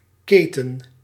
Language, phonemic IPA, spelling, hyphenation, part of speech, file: Dutch, /ˈkeː.tə(n)/, keten, ke‧ten, noun / verb, Nl-keten.ogg
- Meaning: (noun) 1. chain, fetter, shackle 2. chain (of events or businesses)